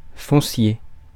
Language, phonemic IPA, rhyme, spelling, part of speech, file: French, /fɔ̃.sje/, -je, foncier, adjective, Fr-foncier.ogg
- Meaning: 1. land, property 2. fundamental, basic